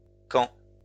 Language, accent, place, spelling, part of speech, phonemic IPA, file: French, France, Lyon, camps, noun, /kɑ̃/, LL-Q150 (fra)-camps.wav
- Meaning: plural of camp